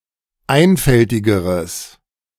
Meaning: strong/mixed nominative/accusative neuter singular comparative degree of einfältig
- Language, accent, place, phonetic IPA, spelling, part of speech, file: German, Germany, Berlin, [ˈaɪ̯nfɛltɪɡəʁəs], einfältigeres, adjective, De-einfältigeres.ogg